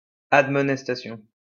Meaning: admonition
- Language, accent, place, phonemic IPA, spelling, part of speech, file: French, France, Lyon, /ad.mɔ.nɛs.ta.sjɔ̃/, admonestation, noun, LL-Q150 (fra)-admonestation.wav